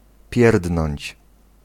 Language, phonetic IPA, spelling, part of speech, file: Polish, [ˈpʲjɛrdnɔ̃ɲt͡ɕ], pierdnąć, verb, Pl-pierdnąć.ogg